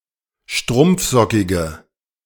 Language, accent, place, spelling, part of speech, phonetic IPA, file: German, Germany, Berlin, strumpfsockige, adjective, [ˈʃtʁʊmp͡fˌzɔkɪɡə], De-strumpfsockige.ogg
- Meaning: inflection of strumpfsockig: 1. strong/mixed nominative/accusative feminine singular 2. strong nominative/accusative plural 3. weak nominative all-gender singular